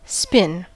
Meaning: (verb) To rotate, revolve, gyrate (usually quickly); to partially or completely rotate to face another direction
- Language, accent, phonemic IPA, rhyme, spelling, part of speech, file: English, US, /spɪn/, -ɪn, spin, verb / noun, En-us-spin.ogg